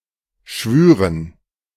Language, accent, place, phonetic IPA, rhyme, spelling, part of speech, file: German, Germany, Berlin, [ˈʃvyːʁən], -yːʁən, Schwüren, noun, De-Schwüren.ogg
- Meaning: dative plural of Schwur